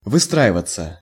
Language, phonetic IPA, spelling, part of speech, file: Russian, [vɨˈstraɪvət͡sə], выстраиваться, verb, Ru-выстраиваться.ogg
- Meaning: 1. to draw up, to form, to line up 2. passive of выстра́ивать (vystráivatʹ)